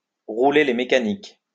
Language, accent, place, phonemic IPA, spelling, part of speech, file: French, France, Lyon, /ʁu.le le me.ka.nik/, rouler les mécaniques, verb, LL-Q150 (fra)-rouler les mécaniques.wav
- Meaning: alternative form of rouler des mécaniques